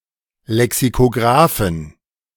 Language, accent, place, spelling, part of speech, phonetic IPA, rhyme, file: German, Germany, Berlin, Lexikografen, noun, [lɛksikoˈɡʁaːfn̩], -aːfn̩, De-Lexikografen.ogg
- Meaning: 1. genitive singular of Lexikograf 2. plural of Lexikograf